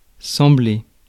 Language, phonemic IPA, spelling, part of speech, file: French, /sɑ̃.ble/, sembler, verb, Fr-sembler.ogg
- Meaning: 1. to seem, to resemble, to look like 2. to appear, to seem, to look